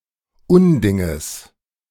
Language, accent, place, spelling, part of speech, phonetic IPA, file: German, Germany, Berlin, Undinges, noun, [ˈʊnˌdɪŋəs], De-Undinges.ogg
- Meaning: genitive singular of Unding